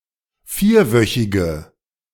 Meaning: inflection of vierwöchig: 1. strong/mixed nominative/accusative feminine singular 2. strong nominative/accusative plural 3. weak nominative all-gender singular
- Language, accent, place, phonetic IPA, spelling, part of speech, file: German, Germany, Berlin, [ˈfiːɐ̯ˌvœçɪɡə], vierwöchige, adjective, De-vierwöchige.ogg